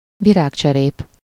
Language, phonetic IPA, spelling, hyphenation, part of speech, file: Hungarian, [ˈviraːkt͡ʃɛreːp], virágcserép, vi‧rág‧cse‧rép, noun, Hu-virágcserép.ogg
- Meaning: flowerpot